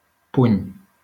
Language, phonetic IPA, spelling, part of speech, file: Catalan, [ˈpuɲ], puny, noun, LL-Q7026 (cat)-puny.wav
- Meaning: 1. fist 2. wrist 3. cuff (of a sleeve) 4. handful 5. handle, grip, hilt